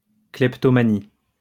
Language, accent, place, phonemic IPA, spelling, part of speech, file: French, France, Lyon, /klɛp.tɔ.ma.ni/, kleptomanie, noun, LL-Q150 (fra)-kleptomanie.wav
- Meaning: kleptomania